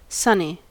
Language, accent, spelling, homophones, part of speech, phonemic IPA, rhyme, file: English, US, sonny, sunny, noun, /ˈsʌni/, -ʌni, En-us-sonny.ogg
- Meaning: 1. A familiar form of address for a boy 2. Form of address to a boy or man, to express contempt, warning etc